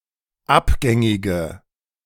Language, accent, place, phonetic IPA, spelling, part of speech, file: German, Germany, Berlin, [ˈapˌɡɛŋɪɡə], abgängige, adjective, De-abgängige.ogg
- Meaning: inflection of abgängig: 1. strong/mixed nominative/accusative feminine singular 2. strong nominative/accusative plural 3. weak nominative all-gender singular